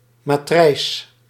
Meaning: 1. mould, matrix 2. die (a device for cutting things into a specified shape or for stamping coins and medals)
- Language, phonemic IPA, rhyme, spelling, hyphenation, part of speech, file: Dutch, /maːˈtrɛi̯s/, -ɛi̯s, matrijs, ma‧trijs, noun, Nl-matrijs.ogg